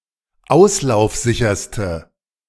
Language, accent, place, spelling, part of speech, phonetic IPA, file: German, Germany, Berlin, auslaufsicherste, adjective, [ˈaʊ̯slaʊ̯fˌzɪçɐstə], De-auslaufsicherste.ogg
- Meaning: inflection of auslaufsicher: 1. strong/mixed nominative/accusative feminine singular superlative degree 2. strong nominative/accusative plural superlative degree